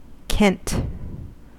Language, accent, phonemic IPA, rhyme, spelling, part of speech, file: English, US, /kɛnt/, -ɛnt, kent, verb / noun, En-us-kent.ogg
- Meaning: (verb) simple past and past participle of ken; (noun) 1. A shepherd's staff 2. A pole or pike 3. cunt; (verb) To propel (a boat) using a pole